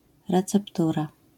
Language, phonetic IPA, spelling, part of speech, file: Polish, [ˌrɛt͡sɛpˈtura], receptura, noun, LL-Q809 (pol)-receptura.wav